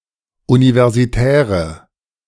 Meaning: inflection of universitär: 1. strong/mixed nominative/accusative feminine singular 2. strong nominative/accusative plural 3. weak nominative all-gender singular
- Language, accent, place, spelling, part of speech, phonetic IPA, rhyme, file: German, Germany, Berlin, universitäre, adjective, [ˌunivɛʁziˈtɛːʁə], -ɛːʁə, De-universitäre.ogg